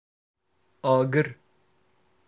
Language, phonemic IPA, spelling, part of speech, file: Northern Kurdish, /ɑːˈɡɪɾ/, agir, noun, Ku-agir.oga
- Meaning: fire